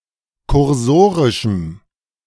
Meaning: strong dative masculine/neuter singular of kursorisch
- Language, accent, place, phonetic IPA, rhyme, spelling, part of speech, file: German, Germany, Berlin, [kʊʁˈzoːʁɪʃm̩], -oːʁɪʃm̩, kursorischem, adjective, De-kursorischem.ogg